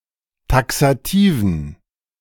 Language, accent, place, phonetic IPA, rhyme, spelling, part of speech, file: German, Germany, Berlin, [ˌtaksaˈtiːvn̩], -iːvn̩, taxativen, adjective, De-taxativen.ogg
- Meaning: inflection of taxativ: 1. strong genitive masculine/neuter singular 2. weak/mixed genitive/dative all-gender singular 3. strong/weak/mixed accusative masculine singular 4. strong dative plural